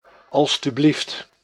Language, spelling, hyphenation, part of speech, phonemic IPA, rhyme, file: Dutch, alstublieft, als‧tu‧blieft, interjection, /ˌɑ(l)styˈblift/, -ift, Nl-alstublieft.ogg
- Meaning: 1. please 2. here you are (when handing something to someone else)